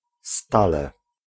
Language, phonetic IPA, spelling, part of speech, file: Polish, [ˈstalɛ], stale, adverb, Pl-stale.ogg